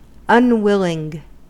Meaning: Not willing; reluctant
- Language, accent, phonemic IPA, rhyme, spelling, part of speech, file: English, US, /ʌnˈwɪlɪŋ/, -ɪlɪŋ, unwilling, adjective, En-us-unwilling.ogg